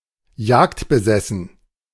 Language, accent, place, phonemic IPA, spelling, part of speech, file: German, Germany, Berlin, /ˈjaːktbəˌzɛsn̩/, jagdbesessen, adjective, De-jagdbesessen.ogg
- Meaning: obsessed with hunting